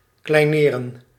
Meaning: to belittle, disparage
- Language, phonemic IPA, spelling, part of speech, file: Dutch, /klɛi̯.ˈneː.rə(n)/, kleineren, verb, Nl-kleineren.ogg